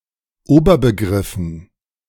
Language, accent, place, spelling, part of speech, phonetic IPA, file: German, Germany, Berlin, Oberbegriffen, noun, [ˈoːbɐbəˌɡʁɪfn̩], De-Oberbegriffen.ogg
- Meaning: dative plural of Oberbegriff